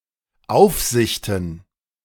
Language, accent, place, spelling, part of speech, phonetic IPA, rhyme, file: German, Germany, Berlin, Aufsichten, noun, [ˈaʊ̯fzɪçtn̩], -aʊ̯fzɪçtn̩, De-Aufsichten.ogg
- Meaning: plural of Aufsicht